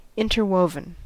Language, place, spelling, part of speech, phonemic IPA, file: English, California, interwoven, verb, /ˈɪntɚˌwoʊvən/, En-us-interwoven.ogg
- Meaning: past participle of interweave